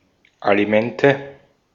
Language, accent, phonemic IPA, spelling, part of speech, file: German, Austria, /aliˈmɛntə/, Alimente, noun, De-at-Alimente.ogg
- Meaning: alimony (allowance paid for someone's sustenance under court order)